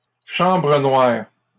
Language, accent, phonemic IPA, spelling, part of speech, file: French, Canada, /ʃɑ̃.bʁə nwaʁ/, chambre noire, noun, LL-Q150 (fra)-chambre noire.wav
- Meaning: darkroom